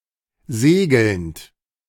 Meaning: present participle of segeln
- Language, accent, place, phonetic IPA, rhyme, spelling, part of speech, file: German, Germany, Berlin, [ˈzeːɡl̩nt], -eːɡl̩nt, segelnd, verb, De-segelnd.ogg